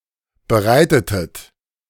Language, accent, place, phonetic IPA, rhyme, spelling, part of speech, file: German, Germany, Berlin, [bəˈʁaɪ̯tətət], -aɪ̯tətət, bereitetet, verb, De-bereitetet.ogg
- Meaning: inflection of bereiten: 1. second-person plural preterite 2. second-person plural subjunctive II